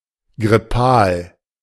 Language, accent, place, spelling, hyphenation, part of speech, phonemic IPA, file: German, Germany, Berlin, grippal, grip‧pal, adjective, /ɡʁɪˈpaːl/, De-grippal.ogg
- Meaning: flu; influenzal